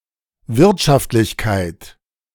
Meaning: 1. efficiency, economic efficiency, profitability, cost-effectiveness, economic viability 2. economy, thrift
- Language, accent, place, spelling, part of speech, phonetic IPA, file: German, Germany, Berlin, Wirtschaftlichkeit, noun, [ˈvɪʁtʃaftlɪçkaɪ̯t], De-Wirtschaftlichkeit.ogg